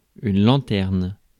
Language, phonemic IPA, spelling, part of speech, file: French, /lɑ̃.tɛʁn/, lanterne, noun / verb, Fr-lanterne.ogg
- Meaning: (noun) 1. lantern 2. street light; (verb) inflection of lanterner: 1. first/third-person singular present indicative/subjunctive 2. second-person singular imperative